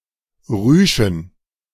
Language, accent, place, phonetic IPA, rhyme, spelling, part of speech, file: German, Germany, Berlin, [ˈʁyːʃn̩], -yːʃn̩, Rüschen, noun, De-Rüschen.ogg
- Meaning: plural of Rüsche